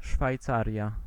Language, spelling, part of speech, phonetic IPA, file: Polish, Szwajcaria, proper noun, [ʃfajˈt͡sarʲja], Pl-Szwajcaria.ogg